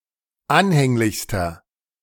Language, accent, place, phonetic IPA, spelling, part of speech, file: German, Germany, Berlin, [ˈanhɛŋlɪçstɐ], anhänglichster, adjective, De-anhänglichster.ogg
- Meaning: inflection of anhänglich: 1. strong/mixed nominative masculine singular superlative degree 2. strong genitive/dative feminine singular superlative degree 3. strong genitive plural superlative degree